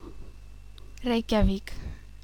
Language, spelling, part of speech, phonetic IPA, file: Icelandic, Reykjavík, proper noun, [ˈreiːcaˌviːk], Is-Reykjavík.oga
- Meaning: Reykjavík (a city in the Capital Region, Iceland; the capital city of Iceland)